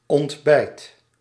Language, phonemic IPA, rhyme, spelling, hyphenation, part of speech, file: Dutch, /ɔntˈbɛi̯t/, -ɛi̯t, ontbijt, ont‧bijt, noun / verb, Nl-ontbijt.ogg
- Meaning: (noun) a breakfast, first meal of the day, usually in the morning; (verb) inflection of ontbijten: 1. first/second/third-person singular present indicative 2. imperative